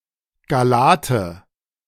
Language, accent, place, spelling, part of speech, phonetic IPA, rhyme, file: German, Germany, Berlin, Gallate, noun, [ɡaˈlaːtə], -aːtə, De-Gallate.ogg
- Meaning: nominative/accusative/genitive plural of Gallat